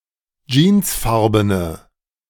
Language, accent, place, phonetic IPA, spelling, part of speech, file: German, Germany, Berlin, [ˈd͡ʒiːnsˌfaʁbənə], jeansfarbene, adjective, De-jeansfarbene.ogg
- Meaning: inflection of jeansfarben: 1. strong/mixed nominative/accusative feminine singular 2. strong nominative/accusative plural 3. weak nominative all-gender singular